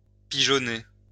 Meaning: to take for a ride or dupe (the person being duped is the pigeon)
- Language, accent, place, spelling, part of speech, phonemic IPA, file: French, France, Lyon, pigeonner, verb, /pi.ʒɔ.ne/, LL-Q150 (fra)-pigeonner.wav